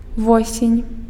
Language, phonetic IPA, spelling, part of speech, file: Belarusian, [ˈvosʲenʲ], восень, noun, Be-восень.ogg
- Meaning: autumn, fall